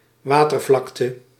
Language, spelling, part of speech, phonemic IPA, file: Dutch, watervlakte, noun, /ˈʋaːtərvlɑktə/, Nl-watervlakte.ogg
- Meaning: expanse of water